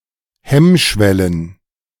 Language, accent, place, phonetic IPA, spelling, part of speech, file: German, Germany, Berlin, [ˈhɛmˌʃvɛlən], Hemmschwellen, noun, De-Hemmschwellen.ogg
- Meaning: plural of Hemmschwelle